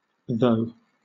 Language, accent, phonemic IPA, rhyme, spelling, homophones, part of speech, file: English, Southern England, /ðəʊ/, -əʊ, tho, the, article / pronoun / adverb / conjunction, LL-Q1860 (eng)-tho.wav
- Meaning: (article) The (plural form); those; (pronoun) Those; they; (adverb) Then; thereupon; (conjunction) When; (adverb) Nonstandard spelling of though